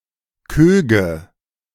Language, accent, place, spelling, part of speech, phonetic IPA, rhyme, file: German, Germany, Berlin, Köge, noun, [ˈkøːɡə], -øːɡə, De-Köge.ogg
- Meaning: nominative/accusative/genitive plural of Koog